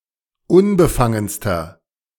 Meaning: inflection of unbefangen: 1. strong/mixed nominative masculine singular superlative degree 2. strong genitive/dative feminine singular superlative degree 3. strong genitive plural superlative degree
- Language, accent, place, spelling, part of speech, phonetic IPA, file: German, Germany, Berlin, unbefangenster, adjective, [ˈʊnbəˌfaŋənstɐ], De-unbefangenster.ogg